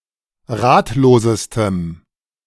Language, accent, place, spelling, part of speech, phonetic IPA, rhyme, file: German, Germany, Berlin, ratlosestem, adjective, [ˈʁaːtloːzəstəm], -aːtloːzəstəm, De-ratlosestem.ogg
- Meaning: strong dative masculine/neuter singular superlative degree of ratlos